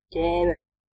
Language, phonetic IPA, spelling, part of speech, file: Latvian, [cɛ̄ːvɛ], ķēve, noun, Lv-ķēve.ogg
- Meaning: female horse, mare, filly